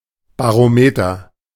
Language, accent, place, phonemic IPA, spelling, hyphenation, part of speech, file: German, Germany, Berlin, /baʁoˈmeːtɐ/, Barometer, Ba‧ro‧me‧ter, noun, De-Barometer.ogg
- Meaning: barometer (instrument for measuring atmospheric pressure)